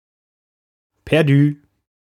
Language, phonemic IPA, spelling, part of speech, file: German, /pɛʁˈdyː/, perdu, adjective, De-perdu.ogg
- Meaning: gone, lost